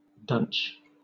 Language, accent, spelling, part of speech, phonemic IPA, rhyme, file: English, Southern England, dunch, verb / noun, /dʌnt͡ʃ/, -ʌntʃ, LL-Q1860 (eng)-dunch.wav
- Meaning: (verb) 1. To knock against; to hit, punch 2. To crash into; to bump into 3. To gore with the horns, as a bull 4. To push, jog, or nudge, especially with the elbow; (noun) A push; knock; bump